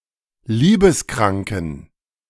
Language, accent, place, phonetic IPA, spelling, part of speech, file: German, Germany, Berlin, [ˈliːbəsˌkʁaŋkn̩], liebeskranken, adjective, De-liebeskranken.ogg
- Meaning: inflection of liebeskrank: 1. strong genitive masculine/neuter singular 2. weak/mixed genitive/dative all-gender singular 3. strong/weak/mixed accusative masculine singular 4. strong dative plural